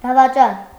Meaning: 1. traitor, betrayer 2. renegade 3. adulterer, adulteress
- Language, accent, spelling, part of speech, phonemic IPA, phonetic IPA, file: Armenian, Eastern Armenian, դավաճան, noun, /dɑvɑˈt͡ʃɑn/, [dɑvɑt͡ʃɑ́n], Hy-դավաճան.ogg